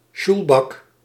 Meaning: The board upon which sjoelen, a Dutch variety of shuffleboard, is played
- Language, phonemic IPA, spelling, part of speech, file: Dutch, /ˈʃulbɑk/, sjoelbak, noun, Nl-sjoelbak.ogg